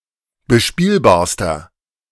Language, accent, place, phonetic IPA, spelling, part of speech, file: German, Germany, Berlin, [bəˈʃpiːlbaːɐ̯stɐ], bespielbarster, adjective, De-bespielbarster.ogg
- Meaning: inflection of bespielbar: 1. strong/mixed nominative masculine singular superlative degree 2. strong genitive/dative feminine singular superlative degree 3. strong genitive plural superlative degree